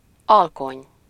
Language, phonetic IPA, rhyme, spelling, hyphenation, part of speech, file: Hungarian, [ˈɒlkoɲ], -oɲ, alkony, al‧kony, noun, Hu-alkony.ogg
- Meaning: dusk, twilight, nightfall